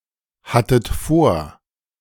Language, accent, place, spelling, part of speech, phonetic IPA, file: German, Germany, Berlin, hattet vor, verb, [ˌhatət ˈfoːɐ̯], De-hattet vor.ogg
- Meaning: second-person plural preterite of vorhaben